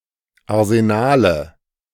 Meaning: nominative/accusative/genitive plural of Arsenal
- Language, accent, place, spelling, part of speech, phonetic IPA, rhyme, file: German, Germany, Berlin, Arsenale, noun, [aʁzeˈnaːlə], -aːlə, De-Arsenale.ogg